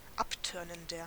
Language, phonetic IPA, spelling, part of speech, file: German, [ˈapˌtœʁnəndɐ], abtörnender, adjective, De-abtörnender.ogg
- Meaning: 1. comparative degree of abtörnend 2. inflection of abtörnend: strong/mixed nominative masculine singular 3. inflection of abtörnend: strong genitive/dative feminine singular